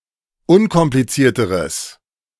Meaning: strong/mixed nominative/accusative neuter singular comparative degree of unkompliziert
- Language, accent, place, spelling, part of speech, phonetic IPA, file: German, Germany, Berlin, unkomplizierteres, adjective, [ˈʊnkɔmplit͡siːɐ̯təʁəs], De-unkomplizierteres.ogg